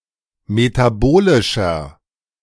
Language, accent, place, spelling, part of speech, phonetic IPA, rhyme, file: German, Germany, Berlin, metabolischer, adjective, [metaˈboːlɪʃɐ], -oːlɪʃɐ, De-metabolischer.ogg
- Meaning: inflection of metabolisch: 1. strong/mixed nominative masculine singular 2. strong genitive/dative feminine singular 3. strong genitive plural